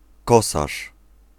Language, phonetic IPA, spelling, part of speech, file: Polish, [ˈkɔsaʃ], kosarz, noun, Pl-kosarz.ogg